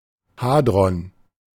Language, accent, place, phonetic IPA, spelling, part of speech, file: German, Germany, Berlin, [ˈhaːdʁɔn], Hadron, noun, De-Hadron.ogg
- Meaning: hadron